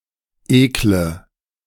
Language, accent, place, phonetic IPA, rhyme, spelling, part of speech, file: German, Germany, Berlin, [ˈeːklə], -eːklə, ekle, adjective / verb, De-ekle.ogg
- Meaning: inflection of ekeln: 1. first-person singular present 2. first/third-person singular subjunctive I 3. singular imperative